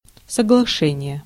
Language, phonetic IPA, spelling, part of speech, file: Russian, [səɡɫɐˈʂɛnʲɪje], соглашение, noun, Ru-соглашение.ogg
- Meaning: 1. agreement, understanding, consent 2. agreement, contract (legally binding contract enforceable in a court of law) 3. covenant, compact, concordat